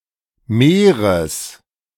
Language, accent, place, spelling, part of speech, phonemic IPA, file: German, Germany, Berlin, Meeres, noun, /ˈmeːʁəs/, De-Meeres.ogg
- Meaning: genitive singular of Meer